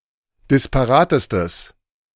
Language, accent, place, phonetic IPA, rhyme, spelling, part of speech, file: German, Germany, Berlin, [dɪspaˈʁaːtəstəs], -aːtəstəs, disparatestes, adjective, De-disparatestes.ogg
- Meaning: strong/mixed nominative/accusative neuter singular superlative degree of disparat